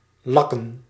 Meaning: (verb) 1. to lacquer, to varnish 2. alternative form of likken; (noun) plural of lak
- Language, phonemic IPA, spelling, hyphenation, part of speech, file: Dutch, /ˈlɑ.kə(n)/, lakken, lak‧ken, verb / noun, Nl-lakken.ogg